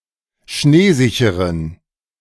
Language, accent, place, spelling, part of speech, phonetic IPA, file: German, Germany, Berlin, schneesicheren, adjective, [ˈʃneːˌzɪçəʁən], De-schneesicheren.ogg
- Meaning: inflection of schneesicher: 1. strong genitive masculine/neuter singular 2. weak/mixed genitive/dative all-gender singular 3. strong/weak/mixed accusative masculine singular 4. strong dative plural